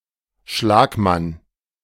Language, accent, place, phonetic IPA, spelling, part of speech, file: German, Germany, Berlin, [ˈʃlaːkˌman], Schlagmann, noun, De-Schlagmann.ogg
- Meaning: stroke (the rower who is nearest to the stern of the boat)